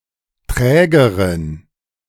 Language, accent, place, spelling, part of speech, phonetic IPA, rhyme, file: German, Germany, Berlin, trägeren, adjective, [ˈtʁɛːɡəʁən], -ɛːɡəʁən, De-trägeren.ogg
- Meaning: inflection of träge: 1. strong genitive masculine/neuter singular comparative degree 2. weak/mixed genitive/dative all-gender singular comparative degree